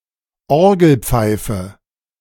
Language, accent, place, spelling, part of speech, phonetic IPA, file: German, Germany, Berlin, Orgelpfeife, noun, [ˈɔʁɡl̩ˌp͡faɪ̯fə], De-Orgelpfeife.ogg
- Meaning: organ pipe